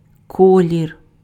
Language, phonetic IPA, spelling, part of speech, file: Ukrainian, [ˈkɔlʲir], колір, noun, Uk-колір.ogg
- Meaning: color